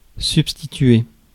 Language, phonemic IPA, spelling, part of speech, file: French, /syp.sti.tɥe/, substituer, verb, Fr-substituer.ogg
- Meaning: to substitute